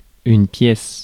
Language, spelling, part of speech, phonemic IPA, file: French, pièce, noun, /pjɛs/, Fr-pièce.ogg
- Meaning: 1. room in a house, etc 2. patch 3. piece 4. ellipsis of pièce de monnaie (“coin”) 5. one Canadian dollar 6. play 7. document, paper 8. ordinary